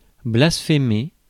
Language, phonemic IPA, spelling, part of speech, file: French, /blas.fe.me/, blasphémer, verb, Fr-blasphémer.ogg
- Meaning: to blaspheme